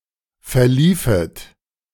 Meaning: second-person plural subjunctive II of verlaufen
- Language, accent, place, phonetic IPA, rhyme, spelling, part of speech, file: German, Germany, Berlin, [fɛɐ̯ˈliːfət], -iːfət, verliefet, verb, De-verliefet.ogg